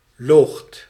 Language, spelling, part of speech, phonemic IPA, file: Dutch, loogt, verb, /loxt/, Nl-loogt.ogg
- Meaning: 1. second-person (gij) singular past indicative of liegen 2. inflection of logen: second/third-person singular present indicative 3. inflection of logen: plural imperative